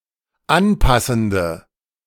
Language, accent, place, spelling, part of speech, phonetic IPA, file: German, Germany, Berlin, anpassende, adjective, [ˈanˌpasn̩də], De-anpassende.ogg
- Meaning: inflection of anpassend: 1. strong/mixed nominative/accusative feminine singular 2. strong nominative/accusative plural 3. weak nominative all-gender singular